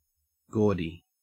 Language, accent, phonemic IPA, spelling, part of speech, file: English, Australia, /ˈɡoːdi/, gaudy, adjective / noun, En-au-gaudy.ogg
- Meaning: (adjective) 1. Very showy or ornamented, now especially when excessive, or in a tasteless or vulgar manner 2. Fun; merry; festive